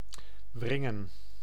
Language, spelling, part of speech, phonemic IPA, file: Dutch, wringen, verb, /ˈvrɪŋə(n)/, Nl-wringen.ogg
- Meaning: 1. to wring 2. to twist 3. to wrest 4. to wriggle, to squirm, to writhe